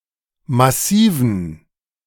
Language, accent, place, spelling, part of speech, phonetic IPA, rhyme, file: German, Germany, Berlin, Massiven, noun, [maˈsiːvn̩], -iːvn̩, De-Massiven.ogg
- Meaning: dative plural of Massiv